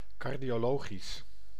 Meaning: cardiological
- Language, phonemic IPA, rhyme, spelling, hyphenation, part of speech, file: Dutch, /ˌkɑrdijoːˈloːɣis/, -oːɣis, cardiologisch, car‧dio‧lo‧gisch, adjective, Nl-cardiologisch.ogg